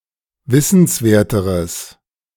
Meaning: strong/mixed nominative/accusative neuter singular comparative degree of wissenswert
- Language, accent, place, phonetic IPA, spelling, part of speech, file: German, Germany, Berlin, [ˈvɪsn̩sˌveːɐ̯təʁəs], wissenswerteres, adjective, De-wissenswerteres.ogg